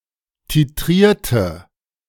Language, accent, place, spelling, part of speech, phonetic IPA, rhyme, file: German, Germany, Berlin, titrierte, adjective / verb, [tiˈtʁiːɐ̯tə], -iːɐ̯tə, De-titrierte.ogg
- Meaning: inflection of titriert: 1. strong/mixed nominative/accusative feminine singular 2. strong nominative/accusative plural 3. weak nominative all-gender singular